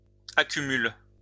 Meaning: inflection of accumuler: 1. first/third-person singular present indicative/subjunctive 2. second-person singular imperative
- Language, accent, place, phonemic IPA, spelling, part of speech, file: French, France, Lyon, /a.ky.myl/, accumule, verb, LL-Q150 (fra)-accumule.wav